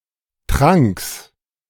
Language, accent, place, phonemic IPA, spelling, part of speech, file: German, Germany, Berlin, /tʁaŋks/, Tranks, noun, De-Tranks.ogg
- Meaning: genitive singular of Trank